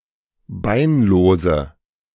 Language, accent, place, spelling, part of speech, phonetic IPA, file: German, Germany, Berlin, beinlose, adjective, [ˈbaɪ̯nˌloːzə], De-beinlose.ogg
- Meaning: inflection of beinlos: 1. strong/mixed nominative/accusative feminine singular 2. strong nominative/accusative plural 3. weak nominative all-gender singular 4. weak accusative feminine/neuter singular